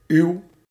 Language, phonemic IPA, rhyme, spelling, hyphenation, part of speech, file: Dutch, /yu̯/, -yu̯, uw, uw, determiner, Nl-uw.ogg
- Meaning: your; second-person singular and plural possessive determiner